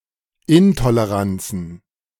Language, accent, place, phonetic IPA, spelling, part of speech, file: German, Germany, Berlin, [ˈɪntoleˌʁant͡sn̩], Intoleranzen, noun, De-Intoleranzen.ogg
- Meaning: plural of Intoleranz